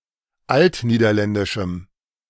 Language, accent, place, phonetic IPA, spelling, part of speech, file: German, Germany, Berlin, [ˈaltniːdɐˌlɛndɪʃm̩], altniederländischem, adjective, De-altniederländischem.ogg
- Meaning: strong dative masculine/neuter singular of altniederländisch